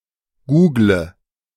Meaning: inflection of googeln: 1. first-person singular present 2. singular imperative 3. first/third-person singular subjunctive I
- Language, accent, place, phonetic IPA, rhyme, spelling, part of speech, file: German, Germany, Berlin, [ˈɡuːɡlə], -uːɡlə, google, verb, De-google.ogg